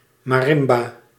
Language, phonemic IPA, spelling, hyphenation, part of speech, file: Dutch, /mɑˈrɪmba/, marimba, ma‧rim‧ba, noun, Nl-marimba.ogg
- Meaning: marimba